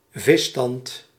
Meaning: fish stock, fish population
- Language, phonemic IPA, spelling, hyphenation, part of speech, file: Dutch, /ˈvɪ.stɑnt/, visstand, vis‧stand, noun, Nl-visstand.ogg